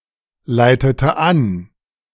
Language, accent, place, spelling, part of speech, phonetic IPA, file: German, Germany, Berlin, leitete an, verb, [ˌlaɪ̯tətə ˈan], De-leitete an.ogg
- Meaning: inflection of anleiten: 1. first/third-person singular preterite 2. first/third-person singular subjunctive II